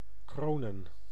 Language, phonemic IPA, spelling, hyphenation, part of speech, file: Dutch, /ˈkroːnə(n)/, kronen, kro‧nen, verb / noun, Nl-kronen.ogg
- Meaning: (verb) 1. to coronate 2. to crown, adorn with a coronet, wreath etc 3. to acclaim, hail, acknowledge ... a winner, champion etc; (noun) plural of kroon